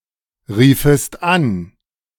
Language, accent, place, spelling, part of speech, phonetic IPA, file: German, Germany, Berlin, riefest an, verb, [ˌʁiːfəst ˈan], De-riefest an.ogg
- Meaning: second-person singular subjunctive II of anrufen